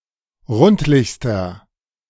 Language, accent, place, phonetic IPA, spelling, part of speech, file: German, Germany, Berlin, [ˈʁʊntlɪçstɐ], rundlichster, adjective, De-rundlichster.ogg
- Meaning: inflection of rundlich: 1. strong/mixed nominative masculine singular superlative degree 2. strong genitive/dative feminine singular superlative degree 3. strong genitive plural superlative degree